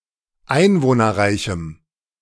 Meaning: strong dative masculine/neuter singular of einwohnerreich
- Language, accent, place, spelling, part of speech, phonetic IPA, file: German, Germany, Berlin, einwohnerreichem, adjective, [ˈaɪ̯nvoːnɐˌʁaɪ̯çm̩], De-einwohnerreichem.ogg